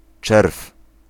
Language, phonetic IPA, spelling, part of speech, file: Polish, [t͡ʃɛrf], czerw, noun, Pl-czerw.ogg